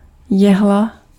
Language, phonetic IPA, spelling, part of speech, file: Czech, [ˈjɛɦla], jehla, noun, Cs-jehla.ogg
- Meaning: 1. needle, sewing needle 2. needle, phonograph needle